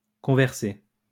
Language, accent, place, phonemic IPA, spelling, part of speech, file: French, France, Lyon, /kɔ̃.vɛʁ.se/, converser, verb, LL-Q150 (fra)-converser.wav
- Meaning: to converse